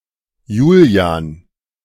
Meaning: a male given name from Latin Julianus
- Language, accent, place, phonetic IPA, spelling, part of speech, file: German, Germany, Berlin, [ˈjuːli̯aːn], Julian, proper noun, De-Julian.ogg